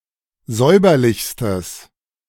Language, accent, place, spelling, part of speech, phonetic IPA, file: German, Germany, Berlin, säuberlichstes, adjective, [ˈzɔɪ̯bɐlɪçstəs], De-säuberlichstes.ogg
- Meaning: strong/mixed nominative/accusative neuter singular superlative degree of säuberlich